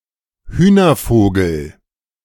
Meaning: landfowl (i.e. of the order Galliformes)
- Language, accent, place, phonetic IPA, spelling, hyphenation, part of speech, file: German, Germany, Berlin, [ˈhyːnɐˌfoːɡl̩], Hühnervogel, Hüh‧ner‧vo‧gel, noun, De-Hühnervogel.ogg